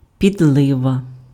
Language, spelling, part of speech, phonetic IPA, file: Ukrainian, підлива, noun, [pʲidˈɫɪʋɐ], Uk-підлива.ogg
- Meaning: gravy, jus, sauce